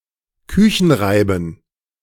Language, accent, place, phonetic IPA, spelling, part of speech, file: German, Germany, Berlin, [ˈkʏçn̩ˌʁaɪ̯bn̩], Küchenreiben, noun, De-Küchenreiben.ogg
- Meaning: plural of Küchenreibe